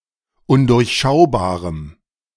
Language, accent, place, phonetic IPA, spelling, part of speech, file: German, Germany, Berlin, [ˈʊndʊʁçˌʃaʊ̯baːʁəm], undurchschaubarem, adjective, De-undurchschaubarem.ogg
- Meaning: strong dative masculine/neuter singular of undurchschaubar